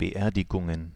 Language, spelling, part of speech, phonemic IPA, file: German, Beerdigungen, noun, /bəˈʔeːɐ̯dɪɡʊŋən/, De-Beerdigungen.ogg
- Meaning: plural of Beerdigung